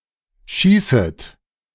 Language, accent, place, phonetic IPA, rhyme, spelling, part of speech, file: German, Germany, Berlin, [ˈʃiːsət], -iːsət, schießet, verb, De-schießet.ogg
- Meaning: second-person plural subjunctive I of schießen